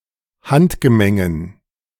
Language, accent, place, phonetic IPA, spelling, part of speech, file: German, Germany, Berlin, [ˈhantɡəˌmɛŋən], Handgemengen, noun, De-Handgemengen.ogg
- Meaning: dative plural of Handgemenge